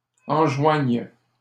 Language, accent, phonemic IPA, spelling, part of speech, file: French, Canada, /ɑ̃.ʒwaɲ/, enjoignent, verb, LL-Q150 (fra)-enjoignent.wav
- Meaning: third-person plural present indicative/subjunctive of enjoindre